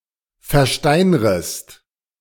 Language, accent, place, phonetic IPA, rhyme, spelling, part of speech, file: German, Germany, Berlin, [fɛɐ̯ˈʃtaɪ̯nʁəst], -aɪ̯nʁəst, versteinrest, verb, De-versteinrest.ogg
- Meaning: second-person singular subjunctive I of versteinern